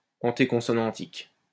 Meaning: anteconsonantal, preconsonantal
- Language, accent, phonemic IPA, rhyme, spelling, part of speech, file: French, France, /ɑ̃.te.kɔ̃.sɔ.nɑ̃.tik/, -ɑ̃tik, antéconsonantique, adjective, LL-Q150 (fra)-antéconsonantique.wav